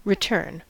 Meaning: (verb) 1. To come or go back (to a place or person) 2. To go back in thought, narration, or argument 3. To recur; to come again 4. To turn back, retreat 5. To turn (something) round
- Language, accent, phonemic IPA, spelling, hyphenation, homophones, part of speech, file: English, US, /ɹɪˈtɝn/, return, re‧turn, written, verb / noun, En-us-return.ogg